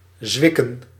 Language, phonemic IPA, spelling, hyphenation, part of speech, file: Dutch, /ˈzʋɪ.kə(n)/, zwikken, zwik‧ken, verb / noun, Nl-zwikken.ogg
- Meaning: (verb) 1. to sprain, to wrench 2. to give way, to snap 3. to last a shoe; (noun) plural of zwik